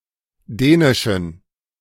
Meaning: inflection of dänisch: 1. strong genitive masculine/neuter singular 2. weak/mixed genitive/dative all-gender singular 3. strong/weak/mixed accusative masculine singular 4. strong dative plural
- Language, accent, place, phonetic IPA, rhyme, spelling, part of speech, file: German, Germany, Berlin, [ˈdɛːnɪʃn̩], -ɛːnɪʃn̩, dänischen, adjective, De-dänischen.ogg